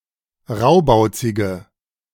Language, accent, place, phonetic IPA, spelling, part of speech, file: German, Germany, Berlin, [ˈʁaʊ̯baʊ̯t͡sɪɡə], raubauzige, adjective, De-raubauzige.ogg
- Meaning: inflection of raubauzig: 1. strong/mixed nominative/accusative feminine singular 2. strong nominative/accusative plural 3. weak nominative all-gender singular